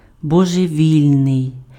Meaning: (adjective) mad, lunatic, crazy, insane, retarded; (noun) madman, lunatic
- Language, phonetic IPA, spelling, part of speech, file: Ukrainian, [bɔʒeˈʋʲilʲnei̯], божевільний, adjective / noun, Uk-божевільний.ogg